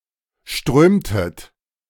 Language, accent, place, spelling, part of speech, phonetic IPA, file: German, Germany, Berlin, strömtet, verb, [ˈʃtʁøːmtət], De-strömtet.ogg
- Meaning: inflection of strömen: 1. second-person plural preterite 2. second-person plural subjunctive II